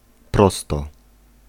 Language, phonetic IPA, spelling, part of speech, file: Polish, [ˈprɔstɔ], prosto, adverb, Pl-prosto.ogg